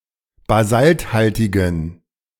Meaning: inflection of basalthaltig: 1. strong genitive masculine/neuter singular 2. weak/mixed genitive/dative all-gender singular 3. strong/weak/mixed accusative masculine singular 4. strong dative plural
- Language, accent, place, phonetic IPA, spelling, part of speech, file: German, Germany, Berlin, [baˈzaltˌhaltɪɡn̩], basalthaltigen, adjective, De-basalthaltigen.ogg